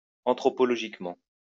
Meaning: anthropologically
- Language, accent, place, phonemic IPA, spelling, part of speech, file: French, France, Lyon, /ɑ̃.tʁɔ.pɔ.lɔ.ʒik.mɑ̃/, anthropologiquement, adverb, LL-Q150 (fra)-anthropologiquement.wav